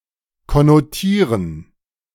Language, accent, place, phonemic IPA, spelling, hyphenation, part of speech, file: German, Germany, Berlin, /kɔnoˈtiːʁən/, konnotieren, kon‧no‧tie‧ren, verb, De-konnotieren.ogg
- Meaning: to connote (to signify beyond principal meaning), to consignify